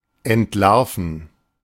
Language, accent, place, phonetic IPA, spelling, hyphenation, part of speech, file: German, Germany, Berlin, [ɛntˌlaʁfn̩], entlarven, ent‧lar‧ven, verb, De-entlarven.ogg
- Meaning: 1. to unmask 2. to uncover